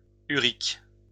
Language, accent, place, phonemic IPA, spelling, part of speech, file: French, France, Lyon, /y.ʁik/, urique, adjective, LL-Q150 (fra)-urique.wav
- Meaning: uric; ureic